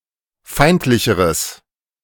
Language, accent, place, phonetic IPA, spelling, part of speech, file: German, Germany, Berlin, [ˈfaɪ̯ntlɪçəʁəs], feindlicheres, adjective, De-feindlicheres.ogg
- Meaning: strong/mixed nominative/accusative neuter singular comparative degree of feindlich